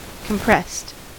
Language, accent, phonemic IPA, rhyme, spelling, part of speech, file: English, US, /kəmˈpɹɛst/, -ɛst, compressed, adjective / verb, En-us-compressed.ogg
- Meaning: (adjective) 1. Pressed tightly together 2. Flattened, especially when along its entire length; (verb) simple past and past participle of compress